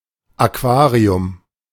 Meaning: 1. aquarium (tank for keeping fish) 2. aquarium (public place where live fish are exhibited)
- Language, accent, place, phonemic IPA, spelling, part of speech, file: German, Germany, Berlin, /aˈkvaːʁi̯ʊm/, Aquarium, noun, De-Aquarium.ogg